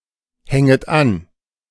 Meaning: second-person plural subjunctive I of anhängen
- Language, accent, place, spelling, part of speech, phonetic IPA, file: German, Germany, Berlin, hänget an, verb, [ˌhɛŋət ˈan], De-hänget an.ogg